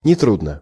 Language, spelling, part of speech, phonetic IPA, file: Russian, нетрудно, adverb / adjective, [nʲɪˈtrudnə], Ru-нетрудно.ogg
- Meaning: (adverb) easily, without difficulty; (adjective) short neuter singular of нетру́дный (netrúdnyj)